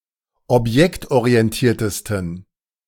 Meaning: 1. superlative degree of objektorientiert 2. inflection of objektorientiert: strong genitive masculine/neuter singular superlative degree
- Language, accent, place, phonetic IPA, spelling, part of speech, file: German, Germany, Berlin, [ɔpˈjɛktʔoʁiɛnˌtiːɐ̯təstn̩], objektorientiertesten, adjective, De-objektorientiertesten.ogg